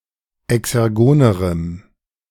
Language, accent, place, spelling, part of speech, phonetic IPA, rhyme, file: German, Germany, Berlin, exergonerem, adjective, [ɛksɛʁˈɡoːnəʁəm], -oːnəʁəm, De-exergonerem.ogg
- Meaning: strong dative masculine/neuter singular comparative degree of exergon